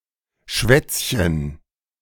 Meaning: diminutive of Schwatz
- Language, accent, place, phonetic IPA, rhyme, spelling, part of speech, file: German, Germany, Berlin, [ˈʃvɛt͡sçən], -ɛt͡sçən, Schwätzchen, noun, De-Schwätzchen.ogg